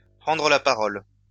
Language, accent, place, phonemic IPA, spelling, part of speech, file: French, France, Lyon, /pʁɑ̃.dʁə la pa.ʁɔl/, prendre la parole, verb, LL-Q150 (fra)-prendre la parole.wav
- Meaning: to speak, to give a speech before a group, to take the floor